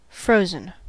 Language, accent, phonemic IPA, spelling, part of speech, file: English, US, /ˈfɹoʊzən/, frozen, adjective / verb, En-us-frozen.ogg
- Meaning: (adjective) 1. Having undergone the process of freezing; in ice form 2. Immobilized 3. Of an account or assets, in a state such that transactions are not allowed